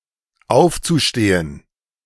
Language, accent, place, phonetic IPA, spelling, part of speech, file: German, Germany, Berlin, [ˈaʊ̯ft͡suˌʃteːən], aufzustehen, verb, De-aufzustehen.ogg
- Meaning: zu-infinitive of aufstehen